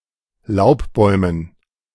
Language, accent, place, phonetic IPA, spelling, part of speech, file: German, Germany, Berlin, [ˈlaʊ̯pˌbɔɪ̯mən], Laubbäumen, noun, De-Laubbäumen.ogg
- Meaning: dative plural of Laubbaum